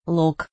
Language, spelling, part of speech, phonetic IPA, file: Russian, лог, noun, [ɫok], Ru-лог.ogg
- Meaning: ravine